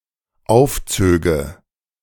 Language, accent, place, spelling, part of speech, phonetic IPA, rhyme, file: German, Germany, Berlin, aufzöge, verb, [ˈaʊ̯fˌt͡søːɡə], -aʊ̯ft͡søːɡə, De-aufzöge.ogg
- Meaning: first/third-person singular dependent subjunctive II of aufziehen